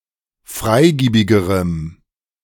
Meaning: strong dative masculine/neuter singular comparative degree of freigiebig
- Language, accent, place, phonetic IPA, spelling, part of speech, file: German, Germany, Berlin, [ˈfʁaɪ̯ˌɡiːbɪɡəʁəm], freigiebigerem, adjective, De-freigiebigerem.ogg